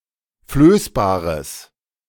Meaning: strong/mixed nominative/accusative neuter singular of flößbar
- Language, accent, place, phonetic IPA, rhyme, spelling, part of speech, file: German, Germany, Berlin, [ˈfløːsbaːʁəs], -øːsbaːʁəs, flößbares, adjective, De-flößbares.ogg